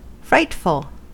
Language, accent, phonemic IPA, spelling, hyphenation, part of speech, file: English, US, /ˈfɹaɪtfəl/, frightful, fright‧ful, adjective / adverb, En-us-frightful.ogg
- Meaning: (adjective) Full of fright, whether: 1. Afraid, frightened 2. Timid, fearful, easily frightened